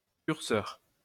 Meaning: cursor
- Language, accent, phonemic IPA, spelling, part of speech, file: French, France, /kyʁ.sœʁ/, curseur, noun, LL-Q150 (fra)-curseur.wav